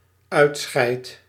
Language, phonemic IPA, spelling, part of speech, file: Dutch, /ˈœy̯tˌsxɛi̯t/, uitscheidt, verb, Nl-uitscheidt.ogg
- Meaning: second/third-person singular dependent-clause present indicative of uitscheiden